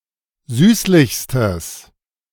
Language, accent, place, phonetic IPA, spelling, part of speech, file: German, Germany, Berlin, [ˈzyːslɪçstəs], süßlichstes, adjective, De-süßlichstes.ogg
- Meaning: strong/mixed nominative/accusative neuter singular superlative degree of süßlich